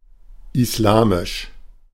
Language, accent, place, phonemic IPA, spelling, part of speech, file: German, Germany, Berlin, /ɪsˈlaːmɪʃ/, islamisch, adjective, De-islamisch.ogg
- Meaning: Islamic